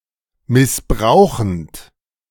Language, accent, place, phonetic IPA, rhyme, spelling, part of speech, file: German, Germany, Berlin, [mɪsˈbʁaʊ̯xn̩t], -aʊ̯xn̩t, missbrauchend, verb, De-missbrauchend.ogg
- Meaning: present participle of missbrauchen